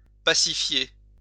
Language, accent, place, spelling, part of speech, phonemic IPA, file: French, France, Lyon, pacifier, verb, /pa.si.fje/, LL-Q150 (fra)-pacifier.wav
- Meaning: to pacify